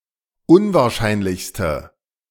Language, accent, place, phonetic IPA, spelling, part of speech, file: German, Germany, Berlin, [ˈʊnvaːɐ̯ˌʃaɪ̯nlɪçstə], unwahrscheinlichste, adjective, De-unwahrscheinlichste.ogg
- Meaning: inflection of unwahrscheinlich: 1. strong/mixed nominative/accusative feminine singular superlative degree 2. strong nominative/accusative plural superlative degree